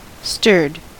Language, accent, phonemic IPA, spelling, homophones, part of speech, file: English, US, /stɜɹd/, stirred, staired, verb, En-us-stirred.ogg
- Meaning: simple past and past participle of stir